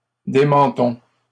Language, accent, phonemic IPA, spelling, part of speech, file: French, Canada, /de.mɑ̃.tɔ̃/, démentons, verb, LL-Q150 (fra)-démentons.wav
- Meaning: inflection of démentir: 1. first-person plural present indicative 2. first-person plural imperative